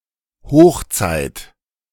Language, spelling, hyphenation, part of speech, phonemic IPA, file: German, Hochzeit, Hoch‧zeit, noun, /ˈhoːxˌt͡saɪ̯t/, De-Hochzeit2.ogg
- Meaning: heyday, height